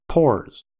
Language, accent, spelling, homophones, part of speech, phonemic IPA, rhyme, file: English, US, pores, pours / pause, noun / verb, /pɔɹz/, -ɔɹz, En-us-pores.ogg
- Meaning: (noun) plural of pore; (verb) third-person singular simple present indicative of pore